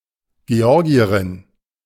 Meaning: Georgian (woman from the country of Georgia)
- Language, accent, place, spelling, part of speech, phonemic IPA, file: German, Germany, Berlin, Georgierin, noun, /ɡeˈɔʁɡiɐʁɪn/, De-Georgierin.ogg